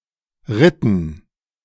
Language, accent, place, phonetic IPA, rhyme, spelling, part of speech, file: German, Germany, Berlin, [ˈʁɪtn̩], -ɪtn̩, ritten, verb, De-ritten.ogg
- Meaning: inflection of reiten: 1. first/third-person plural preterite 2. first/third-person plural subjunctive II